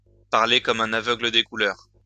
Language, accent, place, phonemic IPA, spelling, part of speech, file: French, France, Lyon, /paʁ.le kɔm œ̃.n‿a.vœ.ɡlə de ku.lœʁ/, parler comme un aveugle des couleurs, adverb, LL-Q150 (fra)-parler comme un aveugle des couleurs.wav
- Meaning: to talk through one's hat, to speak about an issue one doesn't understand